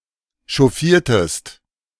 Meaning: inflection of chauffieren: 1. second-person singular preterite 2. second-person singular subjunctive II
- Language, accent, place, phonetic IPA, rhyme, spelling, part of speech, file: German, Germany, Berlin, [ʃɔˈfiːɐ̯təst], -iːɐ̯təst, chauffiertest, verb, De-chauffiertest.ogg